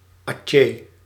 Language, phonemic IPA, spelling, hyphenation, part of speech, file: Dutch, /ˈɑ.tjeː/, Atjeh, Atjeh, proper noun, Nl-Atjeh.ogg
- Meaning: Aceh (province of Indonesia; former sultanate)